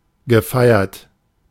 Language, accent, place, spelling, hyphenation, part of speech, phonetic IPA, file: German, Germany, Berlin, gefeiert, ge‧fei‧ert, verb / adjective, [ɡəˈfaɪ̯ɐt], De-gefeiert.ogg
- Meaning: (verb) past participle of feiern; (adjective) celebrated, acclaimed